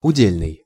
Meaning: 1. specific 2. per capita, per unit 3. appanage (related to an уде́л (udél))
- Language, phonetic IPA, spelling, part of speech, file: Russian, [ʊˈdʲelʲnɨj], удельный, adjective, Ru-удельный.ogg